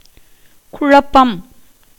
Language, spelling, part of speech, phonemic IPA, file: Tamil, குழப்பம், noun, /kʊɻɐpːɐm/, Ta-குழப்பம்.ogg
- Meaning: 1. confusion, muddle, disorder, embroilment 2. perturbation, agitation, bewilderment, indecision 3. disturbance, quarrel, commotion, tumult 4. sedition, insurrection, rebellion